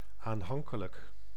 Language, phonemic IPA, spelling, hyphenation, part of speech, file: Dutch, /anˈhɑŋkələk/, aanhankelijk, aan‧han‧ke‧lijk, adjective, Nl-aanhankelijk.ogg
- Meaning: affectionate